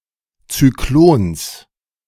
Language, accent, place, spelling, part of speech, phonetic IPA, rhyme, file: German, Germany, Berlin, Zyklons, noun, [t͡syˈkloːns], -oːns, De-Zyklons.ogg
- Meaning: genitive singular of Zyklon